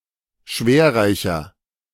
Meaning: inflection of schwerreich: 1. strong/mixed nominative masculine singular 2. strong genitive/dative feminine singular 3. strong genitive plural
- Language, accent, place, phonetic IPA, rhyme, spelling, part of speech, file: German, Germany, Berlin, [ˈʃveːɐ̯ˌʁaɪ̯çɐ], -eːɐ̯ʁaɪ̯çɐ, schwerreicher, adjective, De-schwerreicher.ogg